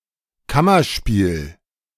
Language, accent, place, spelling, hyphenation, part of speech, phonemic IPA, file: German, Germany, Berlin, Kammerspiel, Kam‧mer‧spiel, noun, /ˈkamɐˌʃpiːl/, De-Kammerspiel.ogg
- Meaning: 1. intimate play 2. chamber play